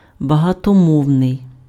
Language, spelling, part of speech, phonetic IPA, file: Ukrainian, багатомовний, adjective, [bɐɦɐtɔˈmɔu̯nei̯], Uk-багатомовний.ogg
- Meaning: multilingual, plurilingual, polyglot